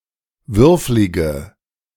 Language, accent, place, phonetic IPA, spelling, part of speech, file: German, Germany, Berlin, [ˈvʏʁflɪɡə], würflige, adjective, De-würflige.ogg
- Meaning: inflection of würflig: 1. strong/mixed nominative/accusative feminine singular 2. strong nominative/accusative plural 3. weak nominative all-gender singular 4. weak accusative feminine/neuter singular